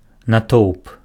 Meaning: crowd
- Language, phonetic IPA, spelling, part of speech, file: Belarusian, [naˈtou̯p], натоўп, noun, Be-натоўп.ogg